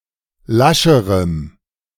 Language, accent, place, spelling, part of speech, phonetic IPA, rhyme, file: German, Germany, Berlin, lascherem, adjective, [ˈlaʃəʁəm], -aʃəʁəm, De-lascherem.ogg
- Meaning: strong dative masculine/neuter singular comparative degree of lasch